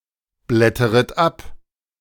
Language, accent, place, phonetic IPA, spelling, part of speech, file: German, Germany, Berlin, [ˌblɛtəʁət ˈap], blätteret ab, verb, De-blätteret ab.ogg
- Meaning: second-person plural subjunctive I of abblättern